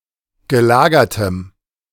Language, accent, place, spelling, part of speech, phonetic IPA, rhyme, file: German, Germany, Berlin, gelagertem, adjective, [ɡəˈlaːɡɐtəm], -aːɡɐtəm, De-gelagertem.ogg
- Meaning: strong dative masculine/neuter singular of gelagert